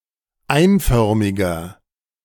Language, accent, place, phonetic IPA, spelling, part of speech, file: German, Germany, Berlin, [ˈaɪ̯nˌfœʁmɪɡɐ], einförmiger, adjective, De-einförmiger.ogg
- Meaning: 1. comparative degree of einförmig 2. inflection of einförmig: strong/mixed nominative masculine singular 3. inflection of einförmig: strong genitive/dative feminine singular